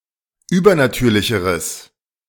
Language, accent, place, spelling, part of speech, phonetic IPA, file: German, Germany, Berlin, übernatürlicheres, adjective, [ˈyːbɐnaˌtyːɐ̯lɪçəʁəs], De-übernatürlicheres.ogg
- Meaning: strong/mixed nominative/accusative neuter singular comparative degree of übernatürlich